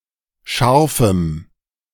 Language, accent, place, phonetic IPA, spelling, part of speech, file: German, Germany, Berlin, [ˈʃaʁfm̩], scharfem, adjective, De-scharfem.ogg
- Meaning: strong dative masculine/neuter singular of scharf